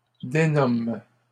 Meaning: third-person plural present indicative/subjunctive of dénommer
- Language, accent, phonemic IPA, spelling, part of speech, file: French, Canada, /de.nɔm/, dénomment, verb, LL-Q150 (fra)-dénomment.wav